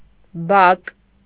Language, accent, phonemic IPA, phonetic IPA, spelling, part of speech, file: Armenian, Eastern Armenian, /bɑk/, [bɑk], բակ, noun, Hy-բակ.ogg
- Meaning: court; yard, courtyard